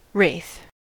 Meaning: A ghost or specter, especially a person's likeness seen just after their death
- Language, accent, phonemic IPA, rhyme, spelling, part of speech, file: English, US, /ɹeɪθ/, -eɪθ, wraith, noun, En-us-wraith.ogg